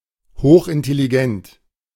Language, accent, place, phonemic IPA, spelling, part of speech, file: German, Germany, Berlin, /ˈhoːχʔɪntɛliˌɡɛnt/, hochintelligent, adjective, De-hochintelligent.ogg
- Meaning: highly intelligent